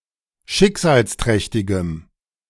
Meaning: strong dative masculine/neuter singular of schicksalsträchtig
- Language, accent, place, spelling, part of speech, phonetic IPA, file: German, Germany, Berlin, schicksalsträchtigem, adjective, [ˈʃɪkzaːlsˌtʁɛçtɪɡəm], De-schicksalsträchtigem.ogg